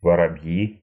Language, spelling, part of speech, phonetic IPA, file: Russian, воробьи, noun, [vərɐˈb⁽ʲ⁾ji], Ru-воробьи́.ogg
- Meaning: nominative plural of воробе́й (vorobéj)